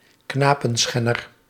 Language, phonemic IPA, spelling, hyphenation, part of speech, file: Dutch, /ˈknaː.pə(n)ˌsxɛ.nər/, knapenschenner, kna‧pen‧schen‧ner, noun, Nl-knapenschenner.ogg
- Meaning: a paederast, a pedophile who sexually abuses boys